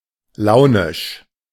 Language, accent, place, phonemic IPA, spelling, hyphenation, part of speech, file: German, Germany, Berlin, /ˈlaʊnɪʃ/, launisch, lau‧nisch, adjective, De-launisch.ogg
- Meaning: moody, capricious